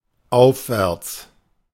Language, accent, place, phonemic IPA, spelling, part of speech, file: German, Germany, Berlin, /ˈaʊ̯fvɛʁt͡s/, aufwärts, adverb, De-aufwärts.ogg
- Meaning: 1. upwards, uphill 2. upstream